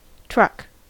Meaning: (noun) 1. A small wheel or roller, specifically the wheel of a gun carriage 2. The ball on top of a flagpole
- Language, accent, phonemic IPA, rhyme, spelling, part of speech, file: English, US, /tɹʌk/, -ʌk, truck, noun / verb, En-us-truck.ogg